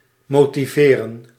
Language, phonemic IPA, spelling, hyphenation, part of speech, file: Dutch, /moː.tiˈveː.rə(n)/, motiveren, mo‧ti‧ve‧ren, verb, Nl-motiveren.ogg
- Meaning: 1. justify, give grounds for 2. motivate, spur on